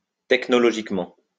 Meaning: technologically
- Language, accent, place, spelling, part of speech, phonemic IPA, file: French, France, Lyon, technologiquement, adverb, /tɛk.nɔ.lɔ.ʒik.mɑ̃/, LL-Q150 (fra)-technologiquement.wav